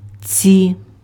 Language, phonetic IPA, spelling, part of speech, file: Ukrainian, [t͡sʲi], ці, determiner, Uk-ці.ogg
- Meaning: inflection of цей (cej): 1. nominative/vocative plural 2. inanimate accusative plural